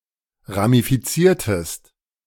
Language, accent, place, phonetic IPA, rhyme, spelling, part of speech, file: German, Germany, Berlin, [ʁamifiˈt͡siːɐ̯təst], -iːɐ̯təst, ramifiziertest, verb, De-ramifiziertest.ogg
- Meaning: inflection of ramifizieren: 1. second-person singular preterite 2. second-person singular subjunctive II